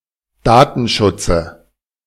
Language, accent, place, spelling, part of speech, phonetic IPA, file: German, Germany, Berlin, Datenschutze, noun, [ˈdaːtn̩ˌʃʊt͡sə], De-Datenschutze.ogg
- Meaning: dative singular of Datenschutz